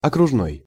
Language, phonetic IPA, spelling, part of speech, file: Russian, [ɐkrʊʐˈnoj], окружной, adjective, Ru-окружной.ogg
- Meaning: 1. district 2. circular